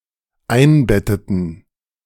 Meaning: inflection of einbetten: 1. first/third-person plural dependent preterite 2. first/third-person plural dependent subjunctive II
- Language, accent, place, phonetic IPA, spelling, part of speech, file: German, Germany, Berlin, [ˈaɪ̯nˌbɛtətn̩], einbetteten, verb, De-einbetteten.ogg